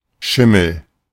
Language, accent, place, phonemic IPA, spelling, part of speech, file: German, Germany, Berlin, /ˈʃɪməl/, Schimmel, noun, De-Schimmel.ogg
- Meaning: 1. mold 2. mildew 3. grey or white horse